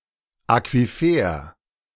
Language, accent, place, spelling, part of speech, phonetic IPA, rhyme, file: German, Germany, Berlin, Aquifer, noun, [akviˈfeːɐ̯], -eːɐ̯, De-Aquifer.ogg
- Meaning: aquifer (an underground layer of water-bearing porous stone, earth, or gravel)